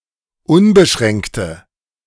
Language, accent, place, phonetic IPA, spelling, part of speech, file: German, Germany, Berlin, [ˈʊnbəˌʃʁɛŋktə], unbeschränkte, adjective, De-unbeschränkte.ogg
- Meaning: inflection of unbeschränkt: 1. strong/mixed nominative/accusative feminine singular 2. strong nominative/accusative plural 3. weak nominative all-gender singular